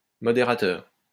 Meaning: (noun) moderator; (adjective) moderate, not extreme
- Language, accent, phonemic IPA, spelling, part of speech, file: French, France, /mɔ.de.ʁa.tœʁ/, modérateur, noun / adjective, LL-Q150 (fra)-modérateur.wav